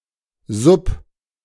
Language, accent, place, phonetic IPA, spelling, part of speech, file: German, Germany, Berlin, [zʊp], sub-, prefix, De-sub-.ogg
- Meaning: sub-